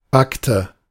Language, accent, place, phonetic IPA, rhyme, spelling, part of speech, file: German, Germany, Berlin, [ˈbaktə], -aktə, backte, verb, De-backte.ogg
- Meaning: inflection of backen: 1. first/third-person singular preterite 2. first/third-person singular subjunctive II